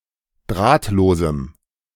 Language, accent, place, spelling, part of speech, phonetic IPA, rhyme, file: German, Germany, Berlin, drahtlosem, adjective, [ˈdʁaːtloːzm̩], -aːtloːzm̩, De-drahtlosem.ogg
- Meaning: strong dative masculine/neuter singular of drahtlos